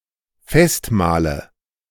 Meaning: nominative/accusative/genitive plural of Festmahl
- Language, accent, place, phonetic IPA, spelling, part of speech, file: German, Germany, Berlin, [ˈfɛstˌmaːlə], Festmahle, noun, De-Festmahle.ogg